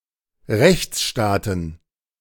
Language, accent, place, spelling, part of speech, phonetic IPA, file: German, Germany, Berlin, Rechtsstaaten, noun, [ˈʁɛçt͡sˌʃtaːtn̩], De-Rechtsstaaten.ogg
- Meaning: plural of Rechtsstaat